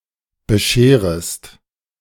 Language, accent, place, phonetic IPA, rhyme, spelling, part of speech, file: German, Germany, Berlin, [bəˈʃeːʁəst], -eːʁəst, bescherest, verb, De-bescherest.ogg
- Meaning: second-person singular subjunctive I of bescheren